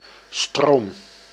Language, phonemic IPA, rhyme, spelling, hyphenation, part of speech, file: Dutch, /stroːm/, -oːm, stroom, stroom, noun / verb, Nl-stroom.ogg
- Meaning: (noun) 1. a flow, current or flush, as of moving water or other liquid 2. a major river, especially one leading to the sea or ocean 3. a smaller stream 4. an electrical current 5. electricity